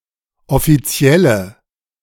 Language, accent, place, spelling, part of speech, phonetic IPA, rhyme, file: German, Germany, Berlin, offizielle, adjective, [ɔfiˈt͡si̯ɛlə], -ɛlə, De-offizielle.ogg
- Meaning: inflection of offiziell: 1. strong/mixed nominative/accusative feminine singular 2. strong nominative/accusative plural 3. weak nominative all-gender singular